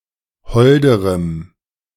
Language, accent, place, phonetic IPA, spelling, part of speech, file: German, Germany, Berlin, [ˈhɔldəʁəm], holderem, adjective, De-holderem.ogg
- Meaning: strong dative masculine/neuter singular comparative degree of hold